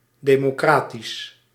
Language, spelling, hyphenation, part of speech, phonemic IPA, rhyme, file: Dutch, democratisch, de‧mo‧cra‧tisch, adjective, /deːmoːˈkraːtis/, -aːtis, Nl-democratisch.ogg
- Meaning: democratic